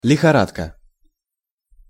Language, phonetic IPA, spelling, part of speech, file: Russian, [lʲɪxɐˈratkə], лихорадка, noun, Ru-лихорадка.ogg
- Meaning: 1. fever (higher than normal body temperature) 2. rush, mania